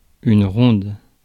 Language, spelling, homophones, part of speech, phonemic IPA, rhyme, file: French, ronde, rondes, adjective / noun, /ʁɔ̃d/, -ɔ̃d, Fr-ronde.ogg
- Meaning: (adjective) feminine singular of rond; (noun) 1. a watch (a period of time when guards are posted) 2. a traditional dance where the dancers form a ring and move laterally with the music